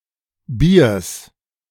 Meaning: genitive singular of Bier
- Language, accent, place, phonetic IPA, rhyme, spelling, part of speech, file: German, Germany, Berlin, [biːɐ̯s], -iːɐ̯s, Biers, noun, De-Biers.ogg